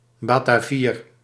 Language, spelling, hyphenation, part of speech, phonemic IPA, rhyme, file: Dutch, Batavier, Ba‧ta‧vier, noun, /ˌbaː.taːˈviːr/, -iːr, Nl-Batavier.ogg
- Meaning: Batavian (member of the tribe of the Batavi)